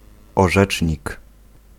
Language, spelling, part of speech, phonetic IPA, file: Polish, orzecznik, noun, [ɔˈʒɛt͡ʃʲɲik], Pl-orzecznik.ogg